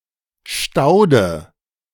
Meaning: perennial, perennial plant
- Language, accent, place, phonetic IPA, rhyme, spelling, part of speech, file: German, Germany, Berlin, [ˈʃtaʊ̯də], -aʊ̯də, Staude, noun, De-Staude.ogg